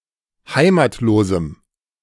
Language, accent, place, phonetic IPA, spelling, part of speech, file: German, Germany, Berlin, [ˈhaɪ̯maːtloːzm̩], heimatlosem, adjective, De-heimatlosem.ogg
- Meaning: strong dative masculine/neuter singular of heimatlos